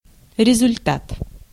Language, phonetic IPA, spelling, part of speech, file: Russian, [rʲɪzʊlʲˈtat], результат, noun, Ru-результат.ogg
- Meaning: effect, result, return, outcome